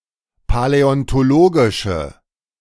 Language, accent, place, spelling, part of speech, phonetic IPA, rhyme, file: German, Germany, Berlin, paläontologische, adjective, [palɛɔntoˈloːɡɪʃə], -oːɡɪʃə, De-paläontologische.ogg
- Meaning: inflection of paläontologisch: 1. strong/mixed nominative/accusative feminine singular 2. strong nominative/accusative plural 3. weak nominative all-gender singular